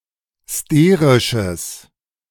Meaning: strong/mixed nominative/accusative neuter singular of sterisch
- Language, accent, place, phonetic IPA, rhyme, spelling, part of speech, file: German, Germany, Berlin, [ˈsteːʁɪʃəs], -eːʁɪʃəs, sterisches, adjective, De-sterisches.ogg